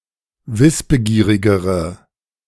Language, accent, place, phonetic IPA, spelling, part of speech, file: German, Germany, Berlin, [ˈvɪsbəˌɡiːʁɪɡəʁə], wissbegierigere, adjective, De-wissbegierigere.ogg
- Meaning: inflection of wissbegierig: 1. strong/mixed nominative/accusative feminine singular comparative degree 2. strong nominative/accusative plural comparative degree